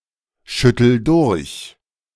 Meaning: inflection of durchschütteln: 1. first-person singular present 2. singular imperative
- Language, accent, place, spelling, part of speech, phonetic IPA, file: German, Germany, Berlin, schüttel durch, verb, [ˌʃʏtl̩ ˈdʊʁç], De-schüttel durch.ogg